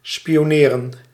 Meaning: to spy, to perform espionage
- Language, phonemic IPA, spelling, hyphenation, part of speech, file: Dutch, /spioːˈneːrə(n)/, spioneren, spi‧o‧ne‧ren, verb, Nl-spioneren.ogg